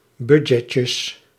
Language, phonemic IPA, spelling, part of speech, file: Dutch, /bydʒɛtjəs/, budgetjes, noun, Nl-budgetjes.ogg
- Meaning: plural of budgetje